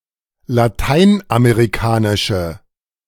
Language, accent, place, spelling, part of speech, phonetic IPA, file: German, Germany, Berlin, lateinamerikanische, adjective, [laˈtaɪ̯nʔameʁiˌkaːnɪʃə], De-lateinamerikanische.ogg
- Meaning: inflection of lateinamerikanisch: 1. strong/mixed nominative/accusative feminine singular 2. strong nominative/accusative plural 3. weak nominative all-gender singular